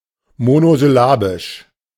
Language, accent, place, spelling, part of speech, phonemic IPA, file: German, Germany, Berlin, monosyllabisch, adjective, /monozʏˈlaːbɪʃ/, De-monosyllabisch.ogg
- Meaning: monosyllabic